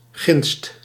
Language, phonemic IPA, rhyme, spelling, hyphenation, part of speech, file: Dutch, /ɣɪnst/, -ɪnst, ginst, ginst, noun, Nl-ginst.ogg
- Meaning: 1. furze, gorse (Ulex europaeus) 2. broom, several plants of the subfamily Faboideae, particularly those (formerly) belonging to the genus Genista